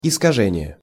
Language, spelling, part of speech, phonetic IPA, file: Russian, искажение, noun, [ɪskɐˈʐɛnʲɪje], Ru-искажение.ogg
- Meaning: 1. distortion, corruption (visual, auditory, etc.) 2. corruption (of a word or phrase or its interpretation) 3. perversion (of justice, etc.)